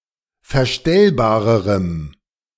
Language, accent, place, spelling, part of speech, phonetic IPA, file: German, Germany, Berlin, verstellbarerem, adjective, [fɛɐ̯ˈʃtɛlbaːʁəʁəm], De-verstellbarerem.ogg
- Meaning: strong dative masculine/neuter singular comparative degree of verstellbar